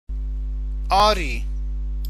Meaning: yes
- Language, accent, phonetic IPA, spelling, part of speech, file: Persian, Iran, [ɒ́ː.ɹiː], آری, adverb, Fa-آری.ogg